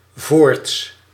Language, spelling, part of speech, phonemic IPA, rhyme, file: Dutch, voorts, adverb, /voːrts/, -oːrts, Nl-voorts.ogg
- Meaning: furthermore, besides